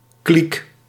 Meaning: 1. clique, exclusive group 2. leftover from a meal
- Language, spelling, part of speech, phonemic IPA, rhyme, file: Dutch, kliek, noun, /klik/, -ik, Nl-kliek.ogg